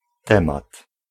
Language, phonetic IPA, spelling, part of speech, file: Polish, [ˈtɛ̃mat], temat, noun, Pl-temat.ogg